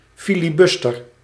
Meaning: 1. a filibuster, a tactic to delay Congressional procedures 2. a filibuster, an American mercenary who operated in Central America or the Spanish West Indies seeking to gain wealth or political power
- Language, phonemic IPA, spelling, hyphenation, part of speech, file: Dutch, /ˈfɪ.liˌbɑs.tər/, filibuster, fi‧li‧bus‧ter, noun, Nl-filibuster.ogg